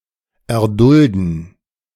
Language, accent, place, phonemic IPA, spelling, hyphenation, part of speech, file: German, Germany, Berlin, /ɛɐ̯ˈdʊldn̩/, erdulden, er‧dul‧den, verb, De-erdulden.ogg
- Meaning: to endure